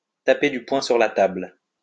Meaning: to pound the table, to put one's foot down
- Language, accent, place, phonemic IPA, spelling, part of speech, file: French, France, Lyon, /ta.pe dy pwɛ̃ syʁ la tabl/, taper du poing sur la table, verb, LL-Q150 (fra)-taper du poing sur la table.wav